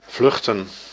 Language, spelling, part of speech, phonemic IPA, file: Dutch, vluchten, verb / noun, /vlɵxtə(n)/, Nl-vluchten.ogg
- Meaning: to flee